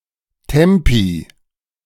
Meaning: plural of Tempo
- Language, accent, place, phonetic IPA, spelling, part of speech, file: German, Germany, Berlin, [ˈtɛmpi], Tempi, noun, De-Tempi.ogg